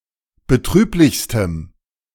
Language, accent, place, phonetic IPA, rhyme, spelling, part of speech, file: German, Germany, Berlin, [bəˈtʁyːplɪçstəm], -yːplɪçstəm, betrüblichstem, adjective, De-betrüblichstem.ogg
- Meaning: strong dative masculine/neuter singular superlative degree of betrüblich